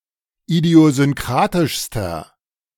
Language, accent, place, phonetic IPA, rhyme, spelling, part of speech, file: German, Germany, Berlin, [idi̯ozʏnˈkʁaːtɪʃstɐ], -aːtɪʃstɐ, idiosynkratischster, adjective, De-idiosynkratischster.ogg
- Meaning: inflection of idiosynkratisch: 1. strong/mixed nominative masculine singular superlative degree 2. strong genitive/dative feminine singular superlative degree